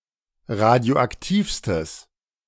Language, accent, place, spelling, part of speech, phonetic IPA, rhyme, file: German, Germany, Berlin, radioaktivstes, adjective, [ˌʁadi̯oʔakˈtiːfstəs], -iːfstəs, De-radioaktivstes.ogg
- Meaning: strong/mixed nominative/accusative neuter singular superlative degree of radioaktiv